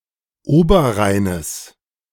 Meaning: genitive singular of Oberrhein
- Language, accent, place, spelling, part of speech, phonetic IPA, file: German, Germany, Berlin, Oberrheines, noun, [ˈoːbɐˌʁaɪ̯nəs], De-Oberrheines.ogg